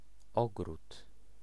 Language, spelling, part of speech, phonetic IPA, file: Polish, ogród, noun, [ˈɔɡrut], Pl-ogród.ogg